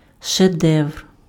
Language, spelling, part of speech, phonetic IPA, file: Ukrainian, шедевр, noun, [ʃeˈdɛʋ(e)r], Uk-шедевр.ogg
- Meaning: masterpiece (piece of work that has been given much critical praise)